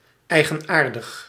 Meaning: idiosyncratic, peculiar
- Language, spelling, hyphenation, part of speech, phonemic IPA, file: Dutch, eigenaardig, ei‧gen‧aar‧dig, adjective, /ˌɛi̯.ɣəˈnaːr.dəx/, Nl-eigenaardig.ogg